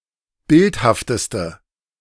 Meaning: inflection of bildhaft: 1. strong/mixed nominative/accusative feminine singular superlative degree 2. strong nominative/accusative plural superlative degree
- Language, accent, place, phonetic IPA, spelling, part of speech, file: German, Germany, Berlin, [ˈbɪlthaftəstə], bildhafteste, adjective, De-bildhafteste.ogg